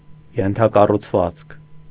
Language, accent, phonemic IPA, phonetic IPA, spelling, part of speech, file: Armenian, Eastern Armenian, /jentʰɑkɑrut͡sʰˈvɑt͡skʰ/, [jentʰɑkɑrut͡sʰvɑ́t͡skʰ], ենթակառուցվածք, noun, Hy-ենթակառուցվածք.ogg
- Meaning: infrastructure